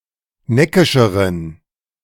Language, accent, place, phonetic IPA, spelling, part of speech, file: German, Germany, Berlin, [ˈnɛkɪʃəʁən], neckischeren, adjective, De-neckischeren.ogg
- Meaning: inflection of neckisch: 1. strong genitive masculine/neuter singular comparative degree 2. weak/mixed genitive/dative all-gender singular comparative degree